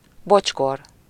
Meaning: sandal, kind of moccasin
- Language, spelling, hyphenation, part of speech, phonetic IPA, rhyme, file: Hungarian, bocskor, bocs‧kor, noun, [ˈbot͡ʃkor], -or, Hu-bocskor.ogg